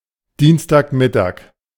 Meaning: Tuesday noon
- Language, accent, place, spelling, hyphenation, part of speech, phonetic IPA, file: German, Germany, Berlin, Dienstagmittag, Diens‧tag‧mit‧tag, noun, [ˈdiːnstaːkˌmɪtaːk], De-Dienstagmittag.ogg